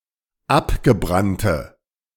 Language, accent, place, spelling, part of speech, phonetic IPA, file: German, Germany, Berlin, abgebrannte, adjective, [ˈapɡəˌbʁantə], De-abgebrannte.ogg
- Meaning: inflection of abgebrannt: 1. strong/mixed nominative/accusative feminine singular 2. strong nominative/accusative plural 3. weak nominative all-gender singular